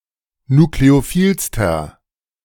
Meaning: inflection of nukleophil: 1. strong/mixed nominative masculine singular superlative degree 2. strong genitive/dative feminine singular superlative degree 3. strong genitive plural superlative degree
- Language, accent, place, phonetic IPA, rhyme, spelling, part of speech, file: German, Germany, Berlin, [nukleoˈfiːlstɐ], -iːlstɐ, nukleophilster, adjective, De-nukleophilster.ogg